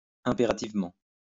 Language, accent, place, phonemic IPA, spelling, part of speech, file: French, France, Lyon, /ɛ̃.pe.ʁa.tiv.mɑ̃/, impérativement, adverb, LL-Q150 (fra)-impérativement.wav
- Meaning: 1. urgently 2. imperatively